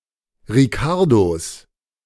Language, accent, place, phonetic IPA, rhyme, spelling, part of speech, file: German, Germany, Berlin, [ʁiˈkaʁdos], -aʁdos, Ricardos, noun, De-Ricardos.ogg
- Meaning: 1. genitive singular of Ricardo 2. plural of Ricardo